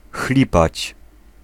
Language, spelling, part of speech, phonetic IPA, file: Polish, chlipać, verb, [ˈxlʲipat͡ɕ], Pl-chlipać.ogg